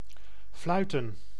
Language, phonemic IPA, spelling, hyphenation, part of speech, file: Dutch, /ˈflœy̯tə(n)/, fluiten, flui‧ten, verb / noun, Nl-fluiten.ogg
- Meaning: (verb) 1. to whistle 2. to make any similar sound, as a passing bullet 3. to referee; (noun) plural of fluit